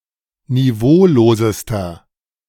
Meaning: inflection of niveaulos: 1. strong/mixed nominative masculine singular superlative degree 2. strong genitive/dative feminine singular superlative degree 3. strong genitive plural superlative degree
- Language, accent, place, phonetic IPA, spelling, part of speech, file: German, Germany, Berlin, [niˈvoːloːzəstɐ], niveaulosester, adjective, De-niveaulosester.ogg